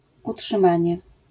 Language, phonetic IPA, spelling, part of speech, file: Polish, [ˌuṭʃɨ̃ˈmãɲɛ], utrzymanie, noun, LL-Q809 (pol)-utrzymanie.wav